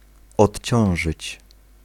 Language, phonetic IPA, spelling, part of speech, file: Polish, [ɔtʲˈt͡ɕɔ̃w̃ʒɨt͡ɕ], odciążyć, verb, Pl-odciążyć.ogg